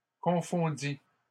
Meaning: first/second-person singular past historic of confondre
- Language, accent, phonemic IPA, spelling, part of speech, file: French, Canada, /kɔ̃.fɔ̃.di/, confondis, verb, LL-Q150 (fra)-confondis.wav